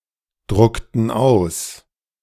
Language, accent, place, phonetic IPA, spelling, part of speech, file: German, Germany, Berlin, [ˌdʁʊktn̩ ˈaʊ̯s], druckten aus, verb, De-druckten aus.ogg
- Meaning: inflection of ausdrucken: 1. first/third-person plural preterite 2. first/third-person plural subjunctive II